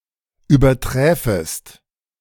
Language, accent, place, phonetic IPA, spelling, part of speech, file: German, Germany, Berlin, [yːbɐˈtʁɛːfəst], überträfest, verb, De-überträfest.ogg
- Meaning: second-person singular subjunctive II of übertreffen